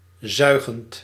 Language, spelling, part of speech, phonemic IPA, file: Dutch, zuigend, verb, /ˈzœy̯.ɣənt/, Nl-zuigend.ogg
- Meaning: present participle of zuigen